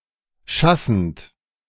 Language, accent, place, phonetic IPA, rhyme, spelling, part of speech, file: German, Germany, Berlin, [ˈʃasn̩t], -asn̩t, schassend, verb, De-schassend.ogg
- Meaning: present participle of schassen